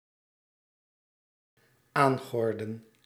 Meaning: inflection of aangorden: 1. plural dependent-clause past indicative 2. plural dependent-clause past subjunctive
- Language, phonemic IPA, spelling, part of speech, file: Dutch, /ˈaŋɣɔrdə(n)/, aangordden, verb, Nl-aangordden.ogg